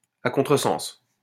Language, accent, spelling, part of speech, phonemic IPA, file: French, France, à contresens, adverb, /a kɔ̃.tʁə.sɑ̃s/, LL-Q150 (fra)-à contresens.wav
- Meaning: 1. the wrong way, against the flow of traffic 2. against the grain